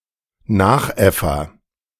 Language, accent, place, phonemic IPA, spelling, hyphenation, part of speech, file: German, Germany, Berlin, /ˈnaːxˌ.ɛfɐ/, Nachäffer, Nach‧äf‧fer, noun, De-Nachäffer.ogg
- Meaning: agent noun of nachäffen; copycat, imitator